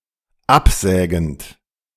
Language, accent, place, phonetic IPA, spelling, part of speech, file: German, Germany, Berlin, [ˈapˌzɛːɡn̩t], absägend, verb, De-absägend.ogg
- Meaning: present participle of absägen